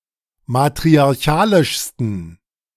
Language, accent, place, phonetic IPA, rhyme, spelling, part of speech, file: German, Germany, Berlin, [matʁiaʁˈçaːlɪʃstn̩], -aːlɪʃstn̩, matriarchalischsten, adjective, De-matriarchalischsten.ogg
- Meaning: 1. superlative degree of matriarchalisch 2. inflection of matriarchalisch: strong genitive masculine/neuter singular superlative degree